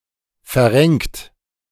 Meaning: 1. past participle of verrenken 2. inflection of verrenken: third-person singular present 3. inflection of verrenken: second-person plural present 4. inflection of verrenken: plural imperative
- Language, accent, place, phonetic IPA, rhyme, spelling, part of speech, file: German, Germany, Berlin, [fɛɐ̯ˈʁɛŋkt], -ɛŋkt, verrenkt, verb, De-verrenkt.ogg